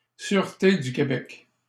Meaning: Sûreté du Québec
- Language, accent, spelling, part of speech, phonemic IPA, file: French, Canada, Sûreté du Québec, proper noun, /syʁ.te dy ke.bɛk/, LL-Q150 (fra)-Sûreté du Québec.wav